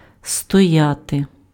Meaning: to stand
- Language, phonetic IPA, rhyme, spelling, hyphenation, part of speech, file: Ukrainian, [stɔˈjate], -ate, стояти, сто‧я‧ти, verb, Uk-стояти.ogg